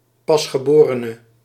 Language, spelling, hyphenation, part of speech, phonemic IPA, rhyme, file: Dutch, pasgeborene, pas‧ge‧bo‧re‧ne, noun, /ˌpɑs.xəˈboː.rə.nə/, -oːrənə, Nl-pasgeborene.ogg
- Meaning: newborn